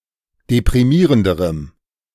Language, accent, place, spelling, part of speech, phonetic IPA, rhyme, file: German, Germany, Berlin, deprimierenderem, adjective, [depʁiˈmiːʁəndəʁəm], -iːʁəndəʁəm, De-deprimierenderem.ogg
- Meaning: strong dative masculine/neuter singular comparative degree of deprimierend